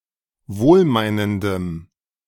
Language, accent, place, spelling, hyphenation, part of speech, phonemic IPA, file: German, Germany, Berlin, wohlmeinendem, wohl‧mei‧nen‧dem, adjective, /ˈvoːlˌmaɪ̯nəndəm/, De-wohlmeinendem.ogg
- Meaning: strong dative masculine/neuter singular of wohlmeinend